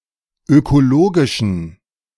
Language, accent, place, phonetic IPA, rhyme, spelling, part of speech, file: German, Germany, Berlin, [økoˈloːɡɪʃn̩], -oːɡɪʃn̩, ökologischen, adjective, De-ökologischen.ogg
- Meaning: inflection of ökologisch: 1. strong genitive masculine/neuter singular 2. weak/mixed genitive/dative all-gender singular 3. strong/weak/mixed accusative masculine singular 4. strong dative plural